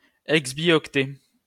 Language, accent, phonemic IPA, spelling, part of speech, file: French, France, /ɛɡz.bjɔk.tɛ/, exbioctet, noun, LL-Q150 (fra)-exbioctet.wav
- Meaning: exbibyte